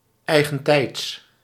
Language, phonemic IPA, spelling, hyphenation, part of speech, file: Dutch, /ˌɛi̯.ɣənˈtɛi̯ts/, eigentijds, ei‧gen‧tijds, adjective, Nl-eigentijds.ogg
- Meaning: modern, contemporary, not oldfashioned